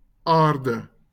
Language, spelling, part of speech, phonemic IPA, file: Afrikaans, aarde, noun, /ˈɑːr.də/, LL-Q14196 (afr)-aarde.wav
- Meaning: 1. Earth (planet) 2. earth, ground, soil